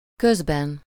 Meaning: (noun) inessive singular of köz; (postposition) during; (adverb) meanwhile, in the meantime, meanwhilst, the while (during the time that something is happening)
- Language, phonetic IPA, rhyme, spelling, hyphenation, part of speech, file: Hungarian, [ˈkøzbɛn], -ɛn, közben, köz‧ben, noun / postposition / adverb, Hu-közben.ogg